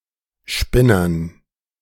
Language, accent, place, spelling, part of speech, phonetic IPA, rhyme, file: German, Germany, Berlin, Spinnern, noun, [ˈʃpɪnɐn], -ɪnɐn, De-Spinnern.ogg
- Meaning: dative plural of Spinner